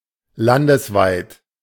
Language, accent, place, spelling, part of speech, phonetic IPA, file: German, Germany, Berlin, landesweit, adjective, [ˈlandəsˌvaɪ̯t], De-landesweit.ogg
- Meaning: 1. nationwide, national 2. statewide, on the level of Bundesland